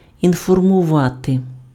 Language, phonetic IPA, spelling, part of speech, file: Ukrainian, [infɔrmʊˈʋate], інформувати, verb, Uk-інформувати.ogg
- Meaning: to inform